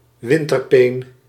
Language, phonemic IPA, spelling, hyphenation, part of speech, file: Dutch, /ˈʋɪn.tərˌpeːn/, winterpeen, win‧ter‧peen, noun, Nl-winterpeen.ogg
- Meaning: a large, orange variety of carrot